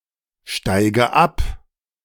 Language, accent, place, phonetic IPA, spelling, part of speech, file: German, Germany, Berlin, [ˌʃtaɪ̯ɡə ˈap], steige ab, verb, De-steige ab.ogg
- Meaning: inflection of absteigen: 1. first-person singular present 2. first/third-person singular subjunctive I 3. singular imperative